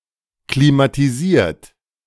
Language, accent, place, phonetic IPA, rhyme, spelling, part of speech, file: German, Germany, Berlin, [klimatiˈziːɐ̯t], -iːɐ̯t, klimatisiert, verb, De-klimatisiert.ogg
- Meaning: 1. past participle of klimatisieren 2. inflection of klimatisieren: third-person singular present 3. inflection of klimatisieren: second-person plural present